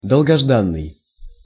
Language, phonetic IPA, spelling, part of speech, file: Russian, [dəɫɡɐʐˈdanːɨj], долгожданный, adjective, Ru-долгожданный.ogg
- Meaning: long-awaited